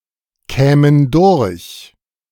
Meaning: first-person plural subjunctive II of durchkommen
- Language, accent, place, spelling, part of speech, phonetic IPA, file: German, Germany, Berlin, kämen durch, verb, [ˌkɛːmən ˈdʊʁç], De-kämen durch.ogg